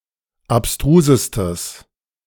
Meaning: strong/mixed nominative/accusative neuter singular superlative degree of abstrus
- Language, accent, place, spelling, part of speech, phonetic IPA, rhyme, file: German, Germany, Berlin, abstrusestes, adjective, [apˈstʁuːzəstəs], -uːzəstəs, De-abstrusestes.ogg